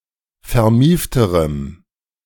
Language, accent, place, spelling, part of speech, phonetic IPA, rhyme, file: German, Germany, Berlin, vermiefterem, adjective, [fɛɐ̯ˈmiːftəʁəm], -iːftəʁəm, De-vermiefterem.ogg
- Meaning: strong dative masculine/neuter singular comparative degree of vermieft